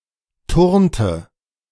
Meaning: inflection of turnen: 1. first/third-person singular preterite 2. first/third-person singular subjunctive II
- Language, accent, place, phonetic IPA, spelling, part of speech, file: German, Germany, Berlin, [ˈtʊʁntə], turnte, verb, De-turnte.ogg